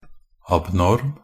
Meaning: 1. abnormal (not conforming to rule or system) 2. abnormal, unusual or striking (of or pertaining to that which is irregular)
- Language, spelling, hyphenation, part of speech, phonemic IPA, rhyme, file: Norwegian Bokmål, abnorm, ab‧norm, adjective, /abˈnɔrm/, -ɔrm, Nb-abnorm.ogg